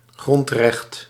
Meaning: fundamental right, constitutional right
- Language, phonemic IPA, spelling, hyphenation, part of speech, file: Dutch, /ˈɣrɔnt.rɛxt/, grondrecht, grond‧recht, noun, Nl-grondrecht.ogg